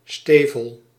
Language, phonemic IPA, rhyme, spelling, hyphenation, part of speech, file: Dutch, /ˈsteː.vəl/, -eːvəl, stevel, ste‧vel, noun, Nl-stevel.ogg
- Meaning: boot